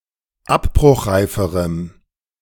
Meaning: strong dative masculine/neuter singular comparative degree of abbruchreif
- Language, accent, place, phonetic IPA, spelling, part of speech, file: German, Germany, Berlin, [ˈapbʁʊxˌʁaɪ̯fəʁəm], abbruchreiferem, adjective, De-abbruchreiferem.ogg